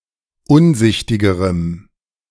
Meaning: strong dative masculine/neuter singular comparative degree of unsichtig
- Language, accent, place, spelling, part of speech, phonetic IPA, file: German, Germany, Berlin, unsichtigerem, adjective, [ˈʊnˌzɪçtɪɡəʁəm], De-unsichtigerem.ogg